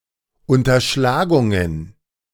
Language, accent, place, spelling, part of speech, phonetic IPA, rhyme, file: German, Germany, Berlin, Unterschlagungen, noun, [ˌʊntɐˈʃlaːɡʊŋən], -aːɡʊŋən, De-Unterschlagungen.ogg
- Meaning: plural of Unterschlagung